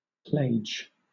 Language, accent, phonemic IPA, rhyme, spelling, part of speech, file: English, Southern England, /pleɪd͡ʒ/, -eɪdʒ, plage, noun, LL-Q1860 (eng)-plage.wav
- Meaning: 1. A region viewed in the context of its climate; a clime or zone 2. A bright region in the chromosphere of the Sun